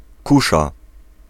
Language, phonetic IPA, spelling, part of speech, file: Polish, [ˈkuʃa], kusza, noun, Pl-kusza.ogg